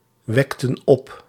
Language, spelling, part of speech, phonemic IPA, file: Dutch, wekten op, verb, /ˈwɛktə(n) ˈɔp/, Nl-wekten op.ogg
- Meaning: inflection of opwekken: 1. plural past indicative 2. plural past subjunctive